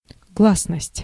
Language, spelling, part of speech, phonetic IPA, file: Russian, гласность, noun, [ˈɡɫasnəsʲtʲ], Ru-гласность.ogg
- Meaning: 1. public, publicity 2. openness 3. glasnost (Soviet policy)